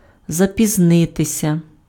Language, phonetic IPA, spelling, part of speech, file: Ukrainian, [zɐpʲizˈnɪtesʲɐ], запізнитися, verb, Uk-запізнитися.ogg
- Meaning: to be late